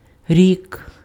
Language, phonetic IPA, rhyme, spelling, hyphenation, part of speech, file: Ukrainian, [rʲik], -ik, рік, рік, noun, Uk-рік.ogg
- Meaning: year (time it takes for the Earth to complete one revolution of the Sun)